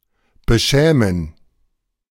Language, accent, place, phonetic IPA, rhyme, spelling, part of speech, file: German, Germany, Berlin, [bəˈʃɛːmən], -ɛːmən, beschämen, verb, De-beschämen.ogg
- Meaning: to embarrass; to humiliate; to shame